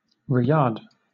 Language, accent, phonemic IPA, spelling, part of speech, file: English, Southern England, /ˈriː.æd/, Riyadh, proper noun, LL-Q1860 (eng)-Riyadh.wav
- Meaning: 1. The capital city of Saudi Arabia 2. A province of Saudi Arabia. Capital: Riyadh 3. The government of Saudi Arabia